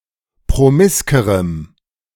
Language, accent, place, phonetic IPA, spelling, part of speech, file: German, Germany, Berlin, [pʁoˈmɪskəʁəm], promiskerem, adjective, De-promiskerem.ogg
- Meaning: strong dative masculine/neuter singular comparative degree of promisk